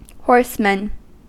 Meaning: plural of horseman
- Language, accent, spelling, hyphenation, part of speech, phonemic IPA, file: English, US, horsemen, horse‧men, noun, /ˈhɔɹsmən/, En-us-horsemen.ogg